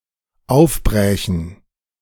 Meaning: first/third-person plural dependent subjunctive II of aufbrechen
- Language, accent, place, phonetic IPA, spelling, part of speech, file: German, Germany, Berlin, [ˈaʊ̯fˌbʁɛːçn̩], aufbrächen, verb, De-aufbrächen.ogg